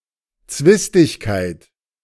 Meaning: quarrel, dispute
- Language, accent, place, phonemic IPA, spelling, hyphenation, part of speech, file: German, Germany, Berlin, /ˈt͡svɪstɪçkaɪ̯t/, Zwistigkeit, Zwis‧tig‧keit, noun, De-Zwistigkeit.ogg